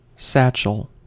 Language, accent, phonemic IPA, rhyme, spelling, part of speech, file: English, US, /ˈsæt͡ʃəl/, -ætʃəl, satchel, noun, En-us-satchel.ogg
- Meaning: A bag or case with one or two shoulder straps, especially used to carry books etc